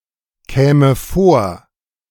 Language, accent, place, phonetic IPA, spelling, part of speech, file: German, Germany, Berlin, [ˌkɛːmə ˈfoːɐ̯], käme vor, verb, De-käme vor.ogg
- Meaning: first/third-person singular subjunctive II of vorkommen